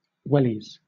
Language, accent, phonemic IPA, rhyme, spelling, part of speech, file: English, Southern England, /ˈwɛliz/, -ɛliz, wellies, noun, LL-Q1860 (eng)-wellies.wav
- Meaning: Wellington boots